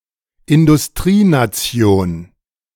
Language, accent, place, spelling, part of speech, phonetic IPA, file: German, Germany, Berlin, Industrienation, noun, [ɪndʊsˈtʁiːnaˌt͡si̯oːn], De-Industrienation.ogg
- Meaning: highly developed country; industrial nation